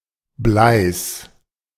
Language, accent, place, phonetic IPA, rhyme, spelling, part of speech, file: German, Germany, Berlin, [blaɪ̯s], -aɪ̯s, Bleis, noun, De-Bleis.ogg
- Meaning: genitive singular of Blei